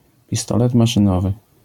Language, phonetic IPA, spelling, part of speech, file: Polish, [pʲiˈstɔlɛt ˌmaʃɨ̃ˈnɔvɨ], pistolet maszynowy, noun, LL-Q809 (pol)-pistolet maszynowy.wav